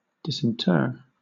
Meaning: 1. To take out of the grave or tomb 2. To bring out, as from a grave or hiding place; to bring from obscurity into view
- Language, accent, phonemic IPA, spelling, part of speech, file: English, Southern England, /ˌdɪsɪnˈtɜː(ɹ)/, disinter, verb, LL-Q1860 (eng)-disinter.wav